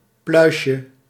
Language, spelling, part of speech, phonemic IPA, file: Dutch, pluisje, noun, /ˈplœyʃə/, Nl-pluisje.ogg
- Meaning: diminutive of pluis